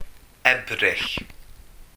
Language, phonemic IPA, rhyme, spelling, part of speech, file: Welsh, /ˈɛbrɪɬ/, -ɛbrɪɬ, Ebrill, proper noun, Cy-Ebrill.ogg
- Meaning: April